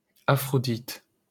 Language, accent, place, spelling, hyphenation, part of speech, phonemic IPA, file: French, France, Paris, Aphrodite, Aphro‧dite, proper noun, /a.fʁɔ.dit/, LL-Q150 (fra)-Aphrodite.wav
- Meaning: Aphrodite (goddess)